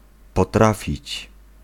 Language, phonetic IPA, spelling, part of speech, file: Polish, [pɔˈtrafʲit͡ɕ], potrafić, verb, Pl-potrafić.ogg